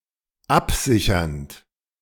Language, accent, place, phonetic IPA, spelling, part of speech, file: German, Germany, Berlin, [ˈapˌzɪçɐnt], absichernd, verb, De-absichernd.ogg
- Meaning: present participle of absichern